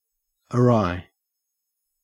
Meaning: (adverb) 1. Obliquely, crookedly; askew 2. Perversely, improperly; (adjective) Turned or twisted toward one side; crooked, distorted, out of place; wry
- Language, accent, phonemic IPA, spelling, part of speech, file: English, Australia, /əˈɹɑɪ/, awry, adverb / adjective, En-au-awry.ogg